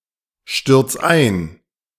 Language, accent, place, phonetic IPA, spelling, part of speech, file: German, Germany, Berlin, [ˌʃtʏʁt͡s ˈaɪ̯n], stürz ein, verb, De-stürz ein.ogg
- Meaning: 1. singular imperative of einstürzen 2. first-person singular present of einstürzen